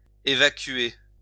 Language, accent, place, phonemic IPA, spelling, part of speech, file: French, France, Lyon, /e.va.kɥe/, évacuer, verb, LL-Q150 (fra)-évacuer.wav
- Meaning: to evacuate